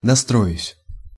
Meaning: first-person singular future indicative perfective of настро́иться (nastróitʹsja)
- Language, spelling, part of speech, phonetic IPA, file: Russian, настроюсь, verb, [nɐˈstrojʉsʲ], Ru-настроюсь.ogg